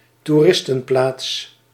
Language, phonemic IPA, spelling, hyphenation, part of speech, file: Dutch, /tuˈrɪs.tə(n)ˌplaːts/, toeristenplaats, toe‧ris‧ten‧plaats, noun, Nl-toeristenplaats.ogg
- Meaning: settlement that attracts many tourists